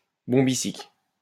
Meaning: bombycic
- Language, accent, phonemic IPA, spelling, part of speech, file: French, France, /bɔ̃.bi.sik/, bombycique, adjective, LL-Q150 (fra)-bombycique.wav